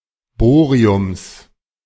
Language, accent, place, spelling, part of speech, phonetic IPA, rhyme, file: German, Germany, Berlin, Bohriums, noun, [ˈboːʁiʊms], -oːʁiʊms, De-Bohriums.ogg
- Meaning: genitive singular of Bohrium